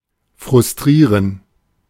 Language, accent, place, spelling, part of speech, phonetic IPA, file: German, Germany, Berlin, frustrieren, verb, [fʁʊsˈtʁiːʁən], De-frustrieren.ogg
- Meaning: to frustrate